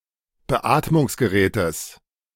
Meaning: genitive singular of Beatmungsgerät
- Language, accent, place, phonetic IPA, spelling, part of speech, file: German, Germany, Berlin, [bəˈʔaːtmʊŋsɡəˌʁɛːtəs], Beatmungsgerätes, noun, De-Beatmungsgerätes.ogg